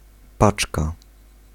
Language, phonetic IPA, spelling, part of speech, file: Polish, [ˈpat͡ʃka], paczka, noun, Pl-paczka.ogg